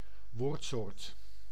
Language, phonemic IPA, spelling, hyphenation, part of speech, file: Dutch, /ˈʋoːrt.soːrt/, woordsoort, woord‧soort, noun, Nl-woordsoort.ogg
- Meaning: part of speech